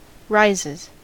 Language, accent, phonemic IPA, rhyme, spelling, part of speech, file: English, US, /ˈɹaɪzɪz/, -aɪzɪz, rises, verb, En-us-rises.ogg
- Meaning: third-person singular simple present indicative of rise